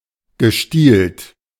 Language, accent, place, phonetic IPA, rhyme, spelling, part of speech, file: German, Germany, Berlin, [ɡəˈʃtiːlt], -iːlt, gestielt, adjective / verb, De-gestielt.ogg
- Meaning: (verb) past participle of stielen; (adjective) 1. handled (having a handle) 2. stemmed, stalked (having a stem/stalk)